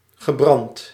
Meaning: past participle of branden
- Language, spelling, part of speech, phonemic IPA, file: Dutch, gebrand, verb, /ɣəˈbrɑnt/, Nl-gebrand.ogg